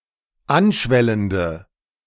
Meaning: inflection of anschwellend: 1. strong/mixed nominative/accusative feminine singular 2. strong nominative/accusative plural 3. weak nominative all-gender singular
- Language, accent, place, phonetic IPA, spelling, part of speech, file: German, Germany, Berlin, [ˈanˌʃvɛləndə], anschwellende, adjective, De-anschwellende.ogg